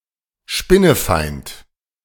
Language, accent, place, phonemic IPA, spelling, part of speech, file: German, Germany, Berlin, /ˈʃpɪnəˌfaɪ̯nt/, spinnefeind, adjective, De-spinnefeind.ogg
- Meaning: rather hostile